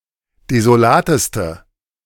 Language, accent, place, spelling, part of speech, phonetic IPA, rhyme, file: German, Germany, Berlin, desolateste, adjective, [dezoˈlaːtəstə], -aːtəstə, De-desolateste.ogg
- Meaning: inflection of desolat: 1. strong/mixed nominative/accusative feminine singular superlative degree 2. strong nominative/accusative plural superlative degree